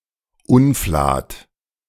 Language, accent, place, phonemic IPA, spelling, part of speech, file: German, Germany, Berlin, /ˈʊnflaːt/, Unflat, noun, De-Unflat.ogg
- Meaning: 1. filth 2. disgusting person